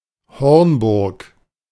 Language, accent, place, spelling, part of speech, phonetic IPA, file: German, Germany, Berlin, Hornburg, proper noun, [ˈhɔʁnˌbʊʁk], De-Hornburg.ogg
- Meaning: 1. Hornburg (a castle in Wolfenbüttel district, Lower Saxony, Germany) 2. Hornburg (a town in Wolfenbüttel district, Lower Saxony, Germany) 3. a habitational surname derived from the town